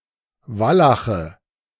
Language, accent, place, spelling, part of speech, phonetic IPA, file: German, Germany, Berlin, Wallache, noun, [ˈvalaxə], De-Wallache.ogg
- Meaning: nominative/accusative/genitive plural of Wallach